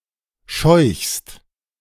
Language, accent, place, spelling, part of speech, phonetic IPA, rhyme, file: German, Germany, Berlin, scheuchst, verb, [ʃɔɪ̯çst], -ɔɪ̯çst, De-scheuchst.ogg
- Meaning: second-person singular present of scheuchen